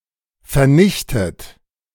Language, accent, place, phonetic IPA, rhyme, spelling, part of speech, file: German, Germany, Berlin, [fɛɐ̯ˈnɪçtət], -ɪçtət, vernichtet, verb, De-vernichtet.ogg
- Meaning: 1. past participle of vernichten 2. inflection of vernichten: third-person singular present 3. inflection of vernichten: second-person plural present